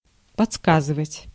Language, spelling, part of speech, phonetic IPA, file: Russian, подсказывать, verb, [pɐt͡sˈskazɨvətʲ], Ru-подсказывать.ogg
- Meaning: 1. to tell (to help by telling, often discreetly), to prompt (to), to suggest (to) 2. to kibitz